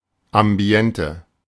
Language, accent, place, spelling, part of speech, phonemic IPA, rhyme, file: German, Germany, Berlin, Ambiente, noun, /ˌamˈbi̯ɛntə/, -ɛntə, De-Ambiente.ogg
- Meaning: ambiance